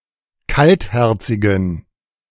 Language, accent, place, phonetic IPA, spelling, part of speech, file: German, Germany, Berlin, [ˈkaltˌhɛʁt͡sɪɡn̩], kaltherzigen, adjective, De-kaltherzigen.ogg
- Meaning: inflection of kaltherzig: 1. strong genitive masculine/neuter singular 2. weak/mixed genitive/dative all-gender singular 3. strong/weak/mixed accusative masculine singular 4. strong dative plural